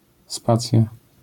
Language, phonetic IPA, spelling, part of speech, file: Polish, [ˈspat͡sʲja], spacja, noun, LL-Q809 (pol)-spacja.wav